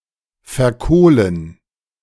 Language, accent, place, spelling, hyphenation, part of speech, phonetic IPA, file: German, Germany, Berlin, verkohlen, ver‧koh‧len, verb, [fɛɐ̯ˈkoːlən], De-verkohlen.ogg
- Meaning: 1. to char 2. to carbonize